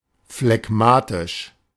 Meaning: phlegmatic
- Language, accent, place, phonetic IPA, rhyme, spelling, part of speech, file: German, Germany, Berlin, [flɛˈɡmaːtɪʃ], -aːtɪʃ, phlegmatisch, adjective, De-phlegmatisch.ogg